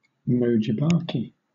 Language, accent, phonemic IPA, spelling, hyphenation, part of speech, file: English, Southern England, /ˈvɛnəməs/, venomous, ven‧om‧ous, adjective, LL-Q1860 (eng)-venomous.wav